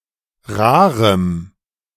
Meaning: strong dative masculine/neuter singular of rar
- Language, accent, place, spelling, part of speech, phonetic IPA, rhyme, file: German, Germany, Berlin, rarem, adjective, [ˈʁaːʁəm], -aːʁəm, De-rarem.ogg